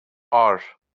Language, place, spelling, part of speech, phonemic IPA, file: Azerbaijani, Baku, ar, noun, /ɑr/, LL-Q9292 (aze)-ar.wav
- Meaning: feeling of shame